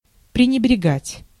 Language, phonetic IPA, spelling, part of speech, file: Russian, [prʲɪnʲɪbrʲɪˈɡatʲ], пренебрегать, verb, Ru-пренебрегать.ogg
- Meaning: 1. to neglect, to disregard, to disdain, to slight 2. to scorn, to ignore, to despise